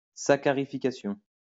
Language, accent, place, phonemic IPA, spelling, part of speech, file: French, France, Lyon, /sa.ka.ʁi.fi.ka.sjɔ̃/, saccharification, noun, LL-Q150 (fra)-saccharification.wav
- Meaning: saccharification